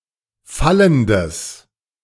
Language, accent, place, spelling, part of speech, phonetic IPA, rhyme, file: German, Germany, Berlin, fallendes, adjective, [ˈfaləndəs], -aləndəs, De-fallendes.ogg
- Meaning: strong/mixed nominative/accusative neuter singular of fallend